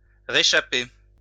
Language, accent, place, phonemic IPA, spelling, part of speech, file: French, France, Lyon, /ʁe.ʃa.pe/, réchapper, verb, LL-Q150 (fra)-réchapper.wav
- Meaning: to come through (survive something perilous)